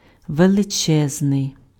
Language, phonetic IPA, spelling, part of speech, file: Ukrainian, [ʋeɫeˈt͡ʃɛznei̯], величезний, adjective, Uk-величезний.ogg
- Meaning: 1. huge, enormous, vast, immense, great (in size or number) 2. boundless, endless, infinite